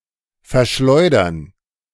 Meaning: to dump (sell dirt cheap)
- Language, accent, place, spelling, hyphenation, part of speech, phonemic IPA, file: German, Germany, Berlin, verschleudern, ver‧schleu‧dern, verb, /fɛɐ̯ˈʃlɔɪ̯dɐn/, De-verschleudern.ogg